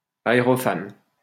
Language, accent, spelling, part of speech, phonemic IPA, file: French, France, aérophane, noun, /a.e.ʁɔ.fan/, LL-Q150 (fra)-aérophane.wav
- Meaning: aerophane